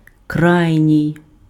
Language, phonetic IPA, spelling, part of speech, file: Ukrainian, [ˈkrai̯nʲii̯], крайній, adjective / noun, Uk-крайній.ogg
- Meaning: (adjective) 1. extreme, utmost 2. ultimate; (noun) winger; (adjective) feminine dative/locative singular of крайній (krajnij)